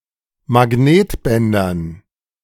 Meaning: dative plural of Magnetband
- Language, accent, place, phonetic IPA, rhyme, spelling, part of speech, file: German, Germany, Berlin, [maˈɡneːtˌbɛndɐn], -eːtbɛndɐn, Magnetbändern, noun, De-Magnetbändern.ogg